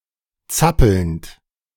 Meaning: present participle of zappeln
- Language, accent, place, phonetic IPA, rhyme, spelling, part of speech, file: German, Germany, Berlin, [ˈt͡sapl̩nt], -apl̩nt, zappelnd, verb, De-zappelnd.ogg